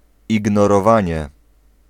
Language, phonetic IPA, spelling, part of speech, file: Polish, [ˌiɡnɔrɔˈvãɲɛ], ignorowanie, noun, Pl-ignorowanie.ogg